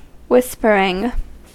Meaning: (verb) present participle and gerund of whisper; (adjective) 1. That whispers 2. Associated with whispers; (noun) 1. Something that is whispered; gossip; a rumor 2. The sound of whispers;
- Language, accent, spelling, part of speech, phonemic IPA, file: English, US, whispering, verb / adjective / noun, /ˈ(h)wɪspəɹɪŋ/, En-us-whispering.ogg